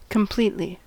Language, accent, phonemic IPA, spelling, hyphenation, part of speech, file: English, US, /kəmˈpliːtli/, completely, com‧plete‧ly, adverb, En-us-completely.ogg
- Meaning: 1. In a complete manner; thoroughly 2. To the fullest extent or degree; totally